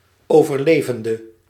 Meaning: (verb) inflection of overleven: 1. masculine/feminine singular attributive 2. definite neuter singular attributive 3. plural attributive; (noun) survivor (one who has survived some disaster)
- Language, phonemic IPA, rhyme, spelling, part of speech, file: Dutch, /ˌoː.vərˈleː.vən.də/, -eːvəndə, overlevende, verb / noun, Nl-overlevende.ogg